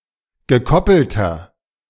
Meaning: inflection of gekoppelt: 1. strong/mixed nominative masculine singular 2. strong genitive/dative feminine singular 3. strong genitive plural
- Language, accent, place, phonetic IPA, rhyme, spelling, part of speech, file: German, Germany, Berlin, [ɡəˈkɔpl̩tɐ], -ɔpl̩tɐ, gekoppelter, adjective, De-gekoppelter.ogg